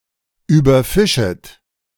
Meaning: second-person plural subjunctive I of überfischen
- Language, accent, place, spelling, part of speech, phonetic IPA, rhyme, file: German, Germany, Berlin, überfischet, verb, [yːbɐˈfɪʃət], -ɪʃət, De-überfischet.ogg